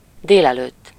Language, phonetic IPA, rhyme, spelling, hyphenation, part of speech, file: Hungarian, [ˈdeːlɛløːtː], -øːtː, délelőtt, dél‧előtt, adverb / noun, Hu-délelőtt.ogg
- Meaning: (adverb) before noon, in the forenoon, in the morning (approx. between 9 a.m. and 12 p.m.); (noun) forenoon, morning